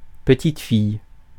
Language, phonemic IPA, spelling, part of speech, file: French, /pə.tit.fij/, petite-fille, noun, Fr-petite-fille.ogg
- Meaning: granddaughter (daughter of one's child)